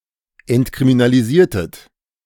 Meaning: inflection of entkriminalisieren: 1. second-person plural preterite 2. second-person plural subjunctive II
- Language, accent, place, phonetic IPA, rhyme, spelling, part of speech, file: German, Germany, Berlin, [ɛntkʁiminaliˈziːɐ̯tət], -iːɐ̯tət, entkriminalisiertet, verb, De-entkriminalisiertet.ogg